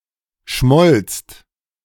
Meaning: second-person singular/plural preterite of schmelzen
- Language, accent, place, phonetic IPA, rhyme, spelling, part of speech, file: German, Germany, Berlin, [ʃmɔlt͡st], -ɔlt͡st, schmolzt, verb, De-schmolzt.ogg